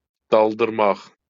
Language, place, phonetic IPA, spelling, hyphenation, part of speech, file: Azerbaijani, Baku, [dɑɫdɯrˈmɑχ], daldırmaq, dal‧dır‧maq, verb, LL-Q9292 (aze)-daldırmaq.wav
- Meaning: to immerse